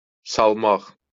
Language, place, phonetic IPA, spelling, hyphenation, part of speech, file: Azerbaijani, Baku, [sɑɫˈmɑχ], salmaq, sal‧maq, verb, LL-Q9292 (aze)-salmaq.wav
- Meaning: 1. to put, to put in 2. to stick in 3. to drop 4. to found, to lay a foundation 5. to cause to fall, to reduce, to undermine or sabotage 6. to make (a scandal), to pick (a fight)